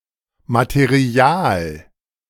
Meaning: material (matter)
- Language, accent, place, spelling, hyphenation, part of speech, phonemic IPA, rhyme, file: German, Germany, Berlin, Material, Ma‧te‧ri‧al, noun, /mat(e)ˈri̯aːl/, -aːl, De-Material.ogg